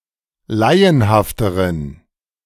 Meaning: inflection of laienhaft: 1. strong genitive masculine/neuter singular comparative degree 2. weak/mixed genitive/dative all-gender singular comparative degree
- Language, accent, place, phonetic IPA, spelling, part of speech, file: German, Germany, Berlin, [ˈlaɪ̯ənhaftəʁən], laienhafteren, adjective, De-laienhafteren.ogg